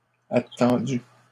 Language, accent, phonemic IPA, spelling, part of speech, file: French, Canada, /a.tɑ̃.dy/, attendue, verb, LL-Q150 (fra)-attendue.wav
- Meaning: feminine singular of attendu